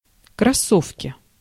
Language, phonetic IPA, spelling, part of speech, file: Russian, [krɐˈsofkʲɪ], кроссовки, noun, Ru-кроссовки.ogg
- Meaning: inflection of кроссо́вка (krossóvka): 1. genitive singular 2. nominative/accusative plural